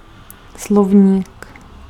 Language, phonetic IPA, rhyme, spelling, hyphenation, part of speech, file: Czech, [ˈslovɲiːk], -ovɲiːk, slovník, slov‧ník, noun, Cs-slovník.ogg
- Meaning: 1. dictionary 2. vocabulary